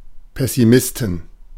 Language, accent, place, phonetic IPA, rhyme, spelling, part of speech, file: German, Germany, Berlin, [pɛsiˈmɪstn̩], -ɪstn̩, Pessimisten, noun, De-Pessimisten.ogg
- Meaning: 1. genitive singular of Pessimist 2. plural of Pessimist